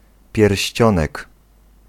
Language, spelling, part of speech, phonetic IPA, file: Polish, pierścionek, noun, [pʲjɛrʲɕˈt͡ɕɔ̃nɛk], Pl-pierścionek.ogg